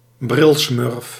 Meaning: a four-eyes, someone who wears glasses
- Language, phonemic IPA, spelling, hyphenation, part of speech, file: Dutch, /ˈbrɪl.smʏrf/, brilsmurf, bril‧smurf, noun, Nl-brilsmurf.ogg